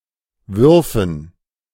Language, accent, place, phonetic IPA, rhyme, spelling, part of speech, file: German, Germany, Berlin, [ˈvʏʁfn̩], -ʏʁfn̩, Würfen, noun, De-Würfen.ogg
- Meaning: dative plural of Wurf